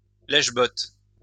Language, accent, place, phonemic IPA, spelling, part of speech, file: French, France, Lyon, /lɛʃ.bɔt/, lèche-bottes, noun, LL-Q150 (fra)-lèche-bottes.wav
- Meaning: bootlicker, brown noser (one who brownnoses)